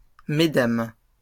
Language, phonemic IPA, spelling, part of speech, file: French, /me.dam/, mesdames, noun, LL-Q150 (fra)-mesdames.wav
- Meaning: plural of madame